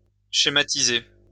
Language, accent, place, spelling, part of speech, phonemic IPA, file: French, France, Lyon, schématiser, verb, /ʃe.ma.ti.ze/, LL-Q150 (fra)-schématiser.wav
- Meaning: 1. to schematize 2. to map (represent graphically)